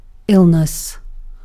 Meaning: 1. An instance (episode) of a disease or poor health 2. A state of bad health or disease
- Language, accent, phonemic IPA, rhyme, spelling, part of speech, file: English, UK, /ˈɪl.nəs/, -ɪlnəs, illness, noun, En-uk-illness.ogg